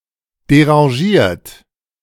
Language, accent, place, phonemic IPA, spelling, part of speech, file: German, Germany, Berlin, /deʁɑ̃ˈʒiːɐ̯t/, derangiert, adjective / verb, De-derangiert.ogg
- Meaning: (adjective) disheveled, disarranged, deranged; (verb) past participle of derangieren